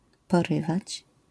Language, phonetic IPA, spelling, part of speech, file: Polish, [pɔˈrɨvat͡ɕ], porywać, verb, LL-Q809 (pol)-porywać.wav